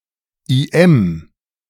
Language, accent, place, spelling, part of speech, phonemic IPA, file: German, Germany, Berlin, IM, noun, /iːˈɛm/, De-IM.ogg
- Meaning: initialism of Inoffizieller Mitarbeiter / Inoffizielle Mitarbeiterin (“unofficial collaborator”), an informant in the German Democratic Republic who delivered private information to the Stasi